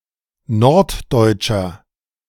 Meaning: inflection of norddeutsch: 1. strong/mixed nominative masculine singular 2. strong genitive/dative feminine singular 3. strong genitive plural
- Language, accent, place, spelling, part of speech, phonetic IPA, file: German, Germany, Berlin, norddeutscher, adjective, [ˈnɔʁtˌdɔɪ̯t͡ʃɐ], De-norddeutscher.ogg